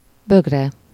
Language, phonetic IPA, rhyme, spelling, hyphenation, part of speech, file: Hungarian, [ˈbøɡrɛ], -rɛ, bögre, bög‧re, noun, Hu-bögre.ogg
- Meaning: mug (a large cup for hot liquids, usually having a handle and used without a saucer)